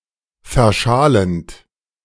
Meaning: present participle of verschalen
- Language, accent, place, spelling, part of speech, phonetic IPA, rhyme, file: German, Germany, Berlin, verschalend, verb, [fɛɐ̯ˈʃaːlənt], -aːlənt, De-verschalend.ogg